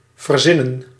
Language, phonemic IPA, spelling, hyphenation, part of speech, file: Dutch, /vərˈzɪnə(n)/, verzinnen, ver‧zin‧nen, verb, Nl-verzinnen.ogg
- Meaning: to invent, to make up